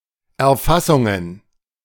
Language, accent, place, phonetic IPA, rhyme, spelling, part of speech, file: German, Germany, Berlin, [ɛɐ̯ˈfasʊŋən], -asʊŋən, Erfassungen, noun, De-Erfassungen.ogg
- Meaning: plural of Erfassung